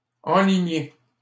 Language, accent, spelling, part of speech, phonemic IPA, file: French, Canada, enligner, verb, /ɑ̃.li.ɲe/, LL-Q150 (fra)-enligner.wav
- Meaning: 1. to align 2. to head for, to head towards